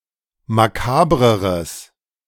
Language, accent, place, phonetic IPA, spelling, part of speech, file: German, Germany, Berlin, [maˈkaːbʁəʁəs], makabreres, adjective, De-makabreres.ogg
- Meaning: strong/mixed nominative/accusative neuter singular comparative degree of makaber